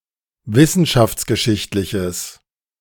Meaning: strong/mixed nominative/accusative neuter singular of wissenschaftsgeschichtlich
- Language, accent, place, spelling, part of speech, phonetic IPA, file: German, Germany, Berlin, wissenschaftsgeschichtliches, adjective, [ˈvɪsn̩ʃaft͡sɡəˌʃɪçtlɪçəs], De-wissenschaftsgeschichtliches.ogg